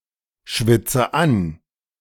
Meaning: inflection of anschwitzen: 1. first-person singular present 2. first/third-person singular subjunctive I 3. singular imperative
- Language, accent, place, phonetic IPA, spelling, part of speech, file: German, Germany, Berlin, [ˌʃvɪt͡sə ˈan], schwitze an, verb, De-schwitze an.ogg